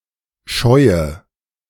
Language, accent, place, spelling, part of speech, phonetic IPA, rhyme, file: German, Germany, Berlin, scheue, adjective / verb, [ˈʃɔɪ̯ə], -ɔɪ̯ə, De-scheue.ogg
- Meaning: inflection of scheuen: 1. first-person singular present 2. first/third-person singular subjunctive I 3. singular imperative